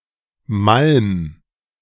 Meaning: 1. singular imperative of malmen 2. first-person singular present of malmen
- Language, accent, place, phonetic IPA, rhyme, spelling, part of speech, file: German, Germany, Berlin, [malm], -alm, malm, verb, De-malm.ogg